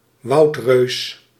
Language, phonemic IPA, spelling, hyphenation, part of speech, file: Dutch, /ˈʋɑu̯t.røːs/, woudreus, woud‧reus, noun, Nl-woudreus.ogg
- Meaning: giant tree, towering tree